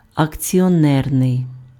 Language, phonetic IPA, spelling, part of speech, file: Ukrainian, [ɐkt͡sʲiɔˈnɛrnei̯], акціонерний, adjective, Uk-акціонерний.ogg
- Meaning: shareholder, joint-stock (attributive) (pertaining to shareholders or share ownership)